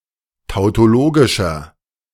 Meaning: inflection of tautologisch: 1. strong/mixed nominative masculine singular 2. strong genitive/dative feminine singular 3. strong genitive plural
- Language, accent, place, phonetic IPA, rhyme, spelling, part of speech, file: German, Germany, Berlin, [taʊ̯toˈloːɡɪʃɐ], -oːɡɪʃɐ, tautologischer, adjective, De-tautologischer.ogg